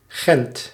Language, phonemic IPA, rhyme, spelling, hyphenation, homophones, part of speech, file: Dutch, /ɣɛnt/, -ɛnt, Gent, Gent, Gendt, proper noun, Nl-Gent.ogg
- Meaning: Ghent (the capital of East Flanders, Belgium)